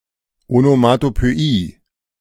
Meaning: onomatopoeia (the use of language whose sound imitates that which it names; the property of a word of sounding like what it represents; the coining of a word in imitation of a sound)
- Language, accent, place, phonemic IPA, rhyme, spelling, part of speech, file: German, Germany, Berlin, /onomatopøˈiː/, -iː, Onomatopöie, noun, De-Onomatopöie.ogg